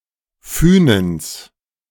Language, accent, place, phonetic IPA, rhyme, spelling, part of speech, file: German, Germany, Berlin, [ˈfyːnəns], -yːnəns, Fünens, noun, De-Fünens.ogg
- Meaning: genitive of Fünen